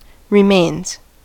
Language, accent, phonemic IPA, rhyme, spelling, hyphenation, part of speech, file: English, US, /ɹɪˈmeɪnz/, -eɪnz, remains, re‧mains, noun / verb, En-us-remains.ogg
- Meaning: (noun) 1. The body or any of its matter that are left after a person (or any organism) dies; a corpse 2. Historical or archaeological relics 3. The extant writings of a deceased person